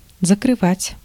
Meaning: 1. to cover 2. to hide 3. to close, to shut
- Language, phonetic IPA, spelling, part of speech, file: Russian, [zəkrɨˈvatʲ], закрывать, verb, Ru-закрывать.ogg